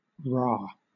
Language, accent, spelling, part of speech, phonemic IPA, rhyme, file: English, Southern England, rah, interjection / noun / adjective, /ɹɑː/, -ɑː, LL-Q1860 (eng)-rah.wav
- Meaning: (interjection) 1. An exclamation of support or encouragement 2. An exclamation of patriotic or passionate excitement